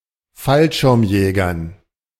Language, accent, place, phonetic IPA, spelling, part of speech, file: German, Germany, Berlin, [ˈfalʃɪʁmˌjɛːɡɐn], Fallschirmjägern, noun, De-Fallschirmjägern.ogg
- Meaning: dative plural of Fallschirmjäger